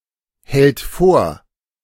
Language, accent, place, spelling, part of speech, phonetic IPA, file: German, Germany, Berlin, hält vor, verb, [ˌhɛlt ˈfoːɐ̯], De-hält vor.ogg
- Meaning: third-person singular present of vorhalten